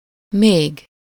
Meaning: 1. still, (in negation) yet 2. more (equivalent to több/többet or tovább in negations) 3. even
- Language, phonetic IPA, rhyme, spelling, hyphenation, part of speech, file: Hungarian, [ˈmeːɡ], -eːɡ, még, még, adverb, Hu-még.ogg